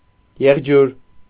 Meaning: 1. horn (of animals) 2. vessel made of horn for drinking wine 3. pipe made of horn, horn, clarion 4. salient part of an object 5. horn of the moon 6. cupping glass
- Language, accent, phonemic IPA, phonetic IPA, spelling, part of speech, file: Armenian, Eastern Armenian, /jeʁˈd͡ʒjuɾ/, [jeʁd͡ʒjúɾ], եղջյուր, noun, Hy-եղջյուր.ogg